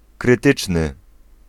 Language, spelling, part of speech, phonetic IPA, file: Polish, krytyczny, adjective, [krɨˈtɨt͡ʃnɨ], Pl-krytyczny.ogg